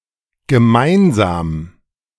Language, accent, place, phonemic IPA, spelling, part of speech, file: German, Germany, Berlin, /ɡəˈmaɪnza(ː)m/, gemeinsam, adjective / adverb, De-gemeinsam.ogg
- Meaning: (adjective) common, mutual, shared; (adverb) together, jointly